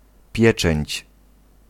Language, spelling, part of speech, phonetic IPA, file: Polish, pieczęć, noun, [ˈpʲjɛt͡ʃɛ̃ɲt͡ɕ], Pl-pieczęć.ogg